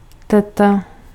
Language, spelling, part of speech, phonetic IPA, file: Czech, teta, noun, [ˈtɛta], Cs-teta.ogg
- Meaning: aunt